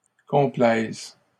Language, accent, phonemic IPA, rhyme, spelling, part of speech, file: French, Canada, /kɔ̃.plɛz/, -ɛz, complaise, verb, LL-Q150 (fra)-complaise.wav
- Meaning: first/third-person singular present subjunctive of complaire